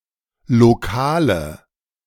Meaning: inflection of lokal: 1. strong/mixed nominative/accusative feminine singular 2. strong nominative/accusative plural 3. weak nominative all-gender singular 4. weak accusative feminine/neuter singular
- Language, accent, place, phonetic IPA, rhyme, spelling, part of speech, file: German, Germany, Berlin, [loˈkaːlə], -aːlə, lokale, adjective, De-lokale.ogg